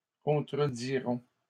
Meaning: first-person plural future of contredire
- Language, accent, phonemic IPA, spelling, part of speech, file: French, Canada, /kɔ̃.tʁə.di.ʁɔ̃/, contredirons, verb, LL-Q150 (fra)-contredirons.wav